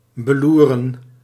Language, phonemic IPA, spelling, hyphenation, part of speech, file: Dutch, /bəˈlu.rə(n)/, beloeren, be‧loe‧ren, verb, Nl-beloeren.ogg
- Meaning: to leer at, to gaze at, to lurk at